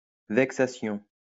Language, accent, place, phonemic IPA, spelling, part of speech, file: French, France, Lyon, /vɛk.sa.sjɔ̃/, vexation, noun, LL-Q150 (fra)-vexation.wav
- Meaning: 1. insult 2. humiliation 3. harassment